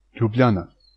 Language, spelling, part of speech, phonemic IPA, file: Slovenian, Ljubljana, proper noun, /ˌʎuˈbʎaːna/, Sl-Ljubljana.ogg
- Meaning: Ljubljana (the capital city of Slovenia)